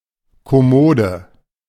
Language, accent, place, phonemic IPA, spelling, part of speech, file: German, Germany, Berlin, /kɔˈmoːdə/, Kommode, noun, De-Kommode.ogg
- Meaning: chest of drawers